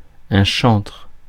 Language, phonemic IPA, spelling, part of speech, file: French, /ʃɑ̃tʁ/, chantre, noun, Fr-chantre.ogg
- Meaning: 1. singer, songster 2. cantor 3. bard, minstrel 4. figurehead; champion; advocate